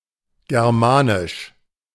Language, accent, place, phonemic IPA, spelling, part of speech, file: German, Germany, Berlin, /ˌɡɛʁˈmaːnɪʃ/, Germanisch, proper noun, De-Germanisch.ogg
- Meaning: Germanic (language)